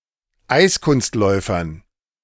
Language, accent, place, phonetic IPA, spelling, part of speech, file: German, Germany, Berlin, [ˈaɪ̯skʊnstˌlɔɪ̯fɐn], Eiskunstläufern, noun, De-Eiskunstläufern.ogg
- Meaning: dative plural of Eiskunstläufer